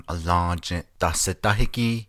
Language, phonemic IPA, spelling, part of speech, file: Navajo, /ʔɑ̀lɑ̃̂ːt͡ʃĩ̀ʔ tɑ̀hsɪ̀tɑ́hɪ́kíː/, alą́ąjįʼ dahsidáhígíí, noun, Nv-alą́ąjįʼ dahsidáhígíí.ogg
- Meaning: chairman, president